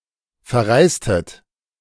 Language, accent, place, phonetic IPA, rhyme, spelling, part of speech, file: German, Germany, Berlin, [fɛɐ̯ˈʁaɪ̯stət], -aɪ̯stət, verreistet, verb, De-verreistet.ogg
- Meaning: inflection of verreisen: 1. second-person plural preterite 2. second-person plural subjunctive II